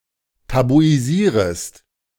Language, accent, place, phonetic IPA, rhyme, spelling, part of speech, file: German, Germany, Berlin, [tabuiˈziːʁəst], -iːʁəst, tabuisierest, verb, De-tabuisierest.ogg
- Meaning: second-person singular subjunctive I of tabuisieren